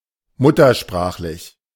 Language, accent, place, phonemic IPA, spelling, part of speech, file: German, Germany, Berlin, /ˈmʊtɐˌʃpʁaːχlɪç/, muttersprachlich, adjective, De-muttersprachlich.ogg
- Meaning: mother tongue